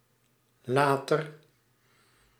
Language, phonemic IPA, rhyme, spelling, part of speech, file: Dutch, /ˈlaː.tər/, -aːtər, later, adjective / adverb / interjection, Nl-later.ogg
- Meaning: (adjective) 1. comparative degree of laat 2. having to do with or occurring in the future; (adverb) 1. later 2. in the future; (interjection) bye, later